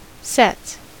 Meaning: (noun) 1. plural of set 2. Set theory; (verb) third-person singular simple present indicative of set
- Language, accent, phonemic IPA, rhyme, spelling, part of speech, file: English, US, /sɛts/, -ɛts, sets, noun / verb, En-us-sets.ogg